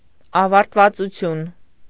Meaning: the state of being finished, or having ended
- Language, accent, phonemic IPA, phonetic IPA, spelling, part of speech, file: Armenian, Eastern Armenian, /ɑvɑɾtvɑt͡suˈtʰjun/, [ɑvɑɾtvɑt͡sut͡sʰjún], ավարտվածություն, noun, Hy-ավարտվածություն.ogg